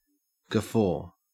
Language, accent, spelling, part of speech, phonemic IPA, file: English, Australia, guffaw, noun / verb, /ɡəˈfoː/, En-au-guffaw.ogg
- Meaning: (noun) A boisterous laugh; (verb) To laugh boisterously